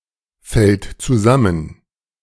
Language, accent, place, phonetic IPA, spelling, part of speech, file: German, Germany, Berlin, [ˌfɛlt t͡suˈzamən], fällt zusammen, verb, De-fällt zusammen.ogg
- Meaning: third-person singular present of zusammenfallen